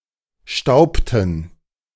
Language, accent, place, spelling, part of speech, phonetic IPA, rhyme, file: German, Germany, Berlin, staubten, verb, [ˈʃtaʊ̯ptn̩], -aʊ̯ptn̩, De-staubten.ogg
- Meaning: inflection of stauben: 1. first/third-person plural preterite 2. first/third-person plural subjunctive II